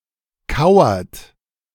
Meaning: inflection of kauern: 1. third-person singular present 2. second-person plural present 3. plural imperative
- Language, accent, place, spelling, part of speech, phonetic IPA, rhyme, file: German, Germany, Berlin, kauert, verb, [ˈkaʊ̯ɐt], -aʊ̯ɐt, De-kauert.ogg